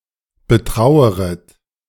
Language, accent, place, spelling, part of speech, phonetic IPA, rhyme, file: German, Germany, Berlin, betraueret, verb, [bəˈtʁaʊ̯əʁət], -aʊ̯əʁət, De-betraueret.ogg
- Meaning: second-person plural subjunctive I of betrauern